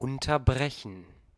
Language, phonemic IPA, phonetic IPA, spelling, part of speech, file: German, /ʊntərˈbrɛçən/, [ˌʔʊn.tɐˈbʁɛ.çn̩], unterbrechen, verb, De-unterbrechen.ogg
- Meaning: to interrupt